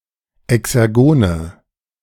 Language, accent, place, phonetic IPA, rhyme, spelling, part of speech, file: German, Germany, Berlin, [ɛksɛʁˈɡoːnə], -oːnə, exergone, adjective, De-exergone.ogg
- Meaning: inflection of exergon: 1. strong/mixed nominative/accusative feminine singular 2. strong nominative/accusative plural 3. weak nominative all-gender singular 4. weak accusative feminine/neuter singular